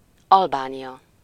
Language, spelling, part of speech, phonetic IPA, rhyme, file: Hungarian, Albánia, proper noun, [ˈɒlbaːnijɒ], -jɒ, Hu-Albánia.ogg
- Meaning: Albania (a country in Southeastern Europe; official name: Albán Köztársaság)